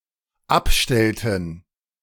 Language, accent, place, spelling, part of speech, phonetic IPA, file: German, Germany, Berlin, abstellten, verb, [ˈapˌʃtɛltn̩], De-abstellten.ogg
- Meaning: inflection of abstellen: 1. first/third-person plural dependent preterite 2. first/third-person plural dependent subjunctive II